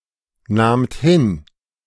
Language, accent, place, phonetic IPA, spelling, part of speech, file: German, Germany, Berlin, [ˌnaːmt ˈhɪn], nahmt hin, verb, De-nahmt hin.ogg
- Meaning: second-person plural preterite of hinnehmen